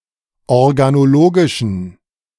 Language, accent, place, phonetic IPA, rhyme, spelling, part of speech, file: German, Germany, Berlin, [ɔʁɡanoˈloːɡɪʃn̩], -oːɡɪʃn̩, organologischen, adjective, De-organologischen.ogg
- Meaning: inflection of organologisch: 1. strong genitive masculine/neuter singular 2. weak/mixed genitive/dative all-gender singular 3. strong/weak/mixed accusative masculine singular 4. strong dative plural